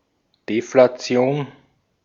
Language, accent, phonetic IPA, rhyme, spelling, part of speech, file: German, Austria, [deflaˈt͡si̯oːn], -oːn, Deflation, noun, De-at-Deflation.ogg
- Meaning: deflation